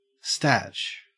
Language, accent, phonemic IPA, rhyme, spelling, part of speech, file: English, Australia, /stæt͡ʃ/, -ætʃ, statch, adjective, En-au-statch.ogg
- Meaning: statutory